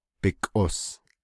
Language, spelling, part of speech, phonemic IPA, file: Navajo, bikʼos, noun, /pɪ̀kʼòs/, Nv-bikʼos.ogg
- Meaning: his/her/its/their neck